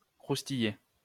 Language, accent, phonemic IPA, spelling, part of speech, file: French, France, /kʁus.ti.je/, croustiller, verb, LL-Q150 (fra)-croustiller.wav
- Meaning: 1. to get crunchier 2. to crunch, munch